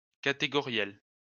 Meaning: of categories; categorical
- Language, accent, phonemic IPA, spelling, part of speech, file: French, France, /ka.te.ɡɔ.ʁjɛl/, catégoriel, adjective, LL-Q150 (fra)-catégoriel.wav